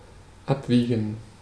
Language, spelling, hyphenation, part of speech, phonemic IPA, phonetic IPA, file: German, abwiegen, ab‧wie‧gen, verb, /ˈapˌviːɡən/, [ˈʔapˌviːɡŋ̍], De-abwiegen.ogg
- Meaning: to weigh, to weigh out